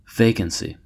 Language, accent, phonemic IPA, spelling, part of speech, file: English, US, /ˈveɪkənsi/, vacancy, noun, En-us-vacancy.ogg
- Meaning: 1. An unoccupied position or job 2. An available room in a hotel; guest house, etc 3. Empty space 4. A blank mind, unoccupied with thought 5. Lack of intelligence or understanding